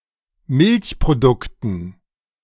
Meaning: dative plural of Milchprodukt
- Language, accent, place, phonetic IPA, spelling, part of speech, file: German, Germany, Berlin, [ˈmɪlçpʁoˌdʊktn̩], Milchprodukten, noun, De-Milchprodukten.ogg